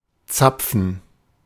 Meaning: 1. gerund of zapfen 2. plug, bung, pin, tap, spigot 3. pivot 4. cone (such as of a fir) 5. cone (in the retina)
- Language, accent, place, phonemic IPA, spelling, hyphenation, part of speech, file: German, Germany, Berlin, /ˈtsapfən/, Zapfen, Zap‧fen, noun, De-Zapfen.ogg